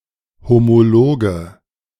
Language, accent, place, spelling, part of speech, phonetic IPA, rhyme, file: German, Germany, Berlin, homologe, adjective, [ˌhomoˈloːɡə], -oːɡə, De-homologe.ogg
- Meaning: inflection of homolog: 1. strong/mixed nominative/accusative feminine singular 2. strong nominative/accusative plural 3. weak nominative all-gender singular 4. weak accusative feminine/neuter singular